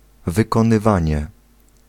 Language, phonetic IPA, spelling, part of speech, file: Polish, [ˌvɨkɔ̃nɨˈvãɲɛ], wykonywanie, noun, Pl-wykonywanie.ogg